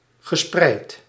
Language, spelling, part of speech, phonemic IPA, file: Dutch, gespreid, verb / adjective, /ɣəˈsprɛit/, Nl-gespreid.ogg
- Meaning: past participle of spreiden